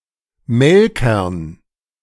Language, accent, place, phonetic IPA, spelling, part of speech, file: German, Germany, Berlin, [ˈmɛlkɐn], Melkern, noun, De-Melkern.ogg
- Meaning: dative plural of Melker